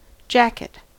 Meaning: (noun) Any of certain types of outerwear.: A piece of clothing worn on the upper body outside a shirt or blouse, often waist length to thigh length
- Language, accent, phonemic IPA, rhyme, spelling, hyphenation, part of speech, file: English, US, /ˈd͡ʒæk.ɪt/, -ækɪt, jacket, jack‧et, noun / verb, En-us-jacket.ogg